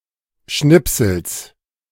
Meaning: genitive singular of Schnipsel
- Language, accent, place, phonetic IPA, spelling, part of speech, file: German, Germany, Berlin, [ˈʃnɪpsl̩s], Schnipsels, noun, De-Schnipsels.ogg